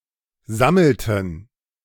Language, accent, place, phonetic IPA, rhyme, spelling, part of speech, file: German, Germany, Berlin, [ˈzaml̩tn̩], -aml̩tn̩, sammelten, verb, De-sammelten.ogg
- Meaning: inflection of sammeln: 1. first/third-person plural preterite 2. first/third-person plural subjunctive II